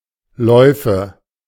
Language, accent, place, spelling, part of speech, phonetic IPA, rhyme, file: German, Germany, Berlin, Läufe, noun, [ˈlɔɪ̯fə], -ɔɪ̯fə, De-Läufe.ogg
- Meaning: nominative/accusative/genitive plural of Lauf